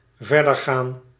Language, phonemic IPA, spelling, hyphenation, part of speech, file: Dutch, /ˈvɛrdərˌɣan/, verdergaan, ver‧der‧gaan, verb, Nl-verdergaan.ogg
- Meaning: 1. to continue, to resume 2. to proceed, to go forward